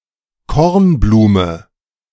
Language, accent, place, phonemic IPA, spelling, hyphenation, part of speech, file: German, Germany, Berlin, /ˈkɔʁnˌbluːmə/, Kornblume, Korn‧blu‧me, noun, De-Kornblume.ogg
- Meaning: cornflower